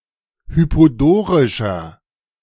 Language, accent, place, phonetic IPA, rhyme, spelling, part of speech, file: German, Germany, Berlin, [ˌhypoˈdoːʁɪʃɐ], -oːʁɪʃɐ, hypodorischer, adjective, De-hypodorischer.ogg
- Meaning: inflection of hypodorisch: 1. strong/mixed nominative masculine singular 2. strong genitive/dative feminine singular 3. strong genitive plural